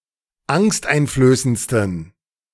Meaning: 1. superlative degree of angsteinflößend 2. inflection of angsteinflößend: strong genitive masculine/neuter singular superlative degree
- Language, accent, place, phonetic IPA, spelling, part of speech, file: German, Germany, Berlin, [ˈaŋstʔaɪ̯nfløːsənt͡stn̩], angsteinflößendsten, adjective, De-angsteinflößendsten.ogg